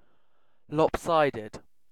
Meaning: 1. Not even or balanced; not the same on one side as on the other 2. biased; not balanced between points of view
- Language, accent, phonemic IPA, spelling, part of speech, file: English, UK, /ˈlɒp.saɪ.dəd/, lopsided, adjective, En-uk-lopsided.ogg